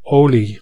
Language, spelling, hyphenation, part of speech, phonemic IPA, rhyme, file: Dutch, olie, olie, noun / verb, /ˈoː.li/, -oːli, Nl-olie.ogg
- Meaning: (noun) 1. any natural or industrial oil 2. petroleum in particular; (verb) inflection of oliën: 1. first-person singular present indicative 2. second-person singular present indicative 3. imperative